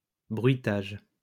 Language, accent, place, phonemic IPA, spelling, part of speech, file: French, France, Lyon, /bʁɥi.taʒ/, bruitage, noun, LL-Q150 (fra)-bruitage.wav
- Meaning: sound effect, foley